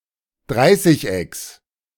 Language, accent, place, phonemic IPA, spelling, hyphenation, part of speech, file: German, Germany, Berlin, /ˈdʁaɪ̯sɪç.ɛks/, Dreißigecks, Drei‧ßig‧ecks, noun, De-Dreißigecks.ogg
- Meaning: genitive singular of Dreißigeck